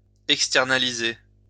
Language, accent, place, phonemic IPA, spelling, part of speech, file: French, France, Lyon, /ɛk.stɛʁ.na.li.ze/, externaliser, verb, LL-Q150 (fra)-externaliser.wav
- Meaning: to outsource